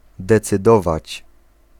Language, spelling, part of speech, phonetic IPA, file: Polish, decydować, verb, [ˌdɛt͡sɨˈdɔvat͡ɕ], Pl-decydować.ogg